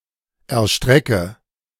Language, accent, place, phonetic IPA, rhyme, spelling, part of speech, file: German, Germany, Berlin, [ɛɐ̯ˈʃtʁɛkə], -ɛkə, erstrecke, verb, De-erstrecke.ogg
- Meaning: inflection of erstrecken: 1. first-person singular present 2. first/third-person singular subjunctive I 3. singular imperative